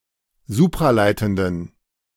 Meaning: inflection of supraleitend: 1. strong genitive masculine/neuter singular 2. weak/mixed genitive/dative all-gender singular 3. strong/weak/mixed accusative masculine singular 4. strong dative plural
- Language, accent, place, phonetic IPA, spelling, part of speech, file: German, Germany, Berlin, [ˈzuːpʁaˌlaɪ̯tn̩dən], supraleitenden, adjective, De-supraleitenden.ogg